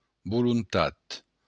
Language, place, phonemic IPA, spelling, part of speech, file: Occitan, Béarn, /bulunˈtat/, volontat, noun, LL-Q14185 (oci)-volontat.wav
- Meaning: will, desire